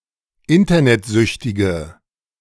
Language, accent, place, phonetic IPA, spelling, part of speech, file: German, Germany, Berlin, [ˈɪntɐnɛtˌzʏçtɪɡə], internetsüchtige, adjective, De-internetsüchtige.ogg
- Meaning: inflection of internetsüchtig: 1. strong/mixed nominative/accusative feminine singular 2. strong nominative/accusative plural 3. weak nominative all-gender singular